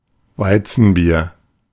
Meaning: wheat beer
- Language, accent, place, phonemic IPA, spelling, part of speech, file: German, Germany, Berlin, /ˈvaɪ̯t͡sn̩biːɐ̯/, Weizenbier, noun, De-Weizenbier.ogg